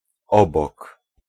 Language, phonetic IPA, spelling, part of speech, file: Polish, [ˈɔbɔk], obok, preposition / adverb, Pl-obok.ogg